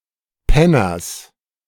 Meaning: genitive singular of Penner
- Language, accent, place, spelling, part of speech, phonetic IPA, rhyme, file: German, Germany, Berlin, Penners, noun, [ˈpɛnɐs], -ɛnɐs, De-Penners.ogg